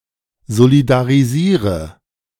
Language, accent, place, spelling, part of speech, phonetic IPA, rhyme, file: German, Germany, Berlin, solidarisiere, verb, [zolidaʁiˈziːʁə], -iːʁə, De-solidarisiere.ogg
- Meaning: inflection of solidarisieren: 1. first-person singular present 2. first/third-person singular subjunctive I 3. singular imperative